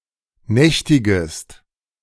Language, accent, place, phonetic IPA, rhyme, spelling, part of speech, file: German, Germany, Berlin, [ˈnɛçtɪɡəst], -ɛçtɪɡəst, nächtigest, verb, De-nächtigest.ogg
- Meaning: second-person singular subjunctive I of nächtigen